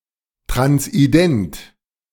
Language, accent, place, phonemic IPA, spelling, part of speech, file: German, Germany, Berlin, /ˌtʁansʔiˈdɛnt/, transident, adjective, De-transident.ogg
- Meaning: identifying as trans